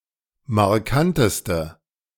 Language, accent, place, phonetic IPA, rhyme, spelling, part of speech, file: German, Germany, Berlin, [maʁˈkantəstə], -antəstə, markanteste, adjective, De-markanteste.ogg
- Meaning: inflection of markant: 1. strong/mixed nominative/accusative feminine singular superlative degree 2. strong nominative/accusative plural superlative degree